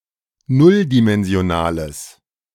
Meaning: strong/mixed nominative/accusative neuter singular of nulldimensional
- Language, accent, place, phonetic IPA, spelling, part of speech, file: German, Germany, Berlin, [ˈnʊldimɛnzi̯oˌnaːləs], nulldimensionales, adjective, De-nulldimensionales.ogg